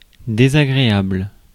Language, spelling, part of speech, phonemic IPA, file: French, désagréable, adjective, /de.za.ɡʁe.abl/, Fr-désagréable.ogg
- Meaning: unpleasant; disagreeable